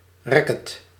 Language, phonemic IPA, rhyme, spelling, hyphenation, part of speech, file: Dutch, /ˈrɛ.kət/, -ɛkət, racket, rac‧ket, noun, Nl-racket.ogg
- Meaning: racket (sports implement)